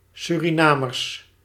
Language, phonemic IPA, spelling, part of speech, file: Dutch, /ˌsyriˈnamərs/, Surinamers, noun, Nl-Surinamers.ogg
- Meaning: plural of Surinamer